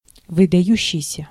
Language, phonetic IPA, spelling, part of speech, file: Russian, [vɨdɐˈjʉɕːɪjsʲə], выдающийся, verb / adjective, Ru-выдающийся.ogg
- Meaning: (verb) present active imperfective participle of выдава́ться (vydavátʹsja); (adjective) 1. prominent, outstanding, distinguished, remarkable, notable 2. protruding, projecting